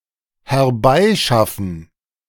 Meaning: to procure, fetch
- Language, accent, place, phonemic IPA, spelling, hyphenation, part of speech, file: German, Germany, Berlin, /hɛɐ̯ˈbaɪ̯ˌʃafn̩/, herbeischaffen, her‧bei‧schaf‧fen, verb, De-herbeischaffen.ogg